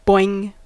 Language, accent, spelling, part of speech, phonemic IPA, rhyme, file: English, US, boing, interjection / noun / verb, /bɔɪŋ/, -ɔɪŋ, En-us-boing.ogg
- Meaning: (interjection) 1. A representation of the sound of something bouncing 2. A representation of the sound of something bouncing.: Announcing the presence of large, pert breasts, which are bouncy